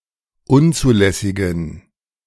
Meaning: inflection of unzulässig: 1. strong genitive masculine/neuter singular 2. weak/mixed genitive/dative all-gender singular 3. strong/weak/mixed accusative masculine singular 4. strong dative plural
- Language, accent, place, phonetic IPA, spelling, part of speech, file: German, Germany, Berlin, [ˈʊnt͡suːˌlɛsɪɡn̩], unzulässigen, adjective, De-unzulässigen.ogg